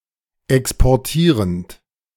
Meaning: present participle of exportieren
- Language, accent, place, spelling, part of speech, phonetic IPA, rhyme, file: German, Germany, Berlin, exportierend, verb, [ˌɛkspɔʁˈtiːʁənt], -iːʁənt, De-exportierend.ogg